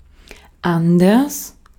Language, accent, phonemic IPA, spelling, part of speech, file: German, Austria, /ˈandɐs/, anders, adverb, De-at-anders.ogg
- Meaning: 1. different, differently 2. else 3. otherwise